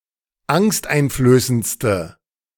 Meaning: inflection of angsteinflößend: 1. strong/mixed nominative/accusative feminine singular superlative degree 2. strong nominative/accusative plural superlative degree
- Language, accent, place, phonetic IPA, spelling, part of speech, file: German, Germany, Berlin, [ˈaŋstʔaɪ̯nfløːsənt͡stə], angsteinflößendste, adjective, De-angsteinflößendste.ogg